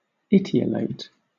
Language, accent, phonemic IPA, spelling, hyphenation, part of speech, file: English, Southern England, /ˈiːti.əleɪt/, etiolate, eti‧o‧late, verb / adjective, LL-Q1860 (eng)-etiolate.wav
- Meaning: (verb) 1. To make pale through lack of light, especially of a plant 2. To make pale and sickly-looking 3. To become pale or blanched; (adjective) etiolated